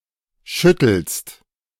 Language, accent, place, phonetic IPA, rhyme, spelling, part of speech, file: German, Germany, Berlin, [ˈʃʏtl̩st], -ʏtl̩st, schüttelst, verb, De-schüttelst.ogg
- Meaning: second-person singular present of schütteln